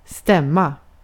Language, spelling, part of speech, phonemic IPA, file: Swedish, stämma, noun / verb, /²stɛmːa/, Sv-stämma.ogg
- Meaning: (noun) 1. a voice (language; words; speech; expression; signification of feeling or opinion) 2. a pitch, a part 3. a meeting, an assembly; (verb) to agree, to correspond, to tally, to be correct